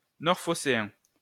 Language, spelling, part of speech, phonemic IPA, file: French, phocéen, adjective, /fɔ.se.ɛ̃/, LL-Q150 (fra)-phocéen.wav
- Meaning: 1. Phocaean (of, from or relating to Phocaea) 2. synonym of marseillais (“Marseillais”)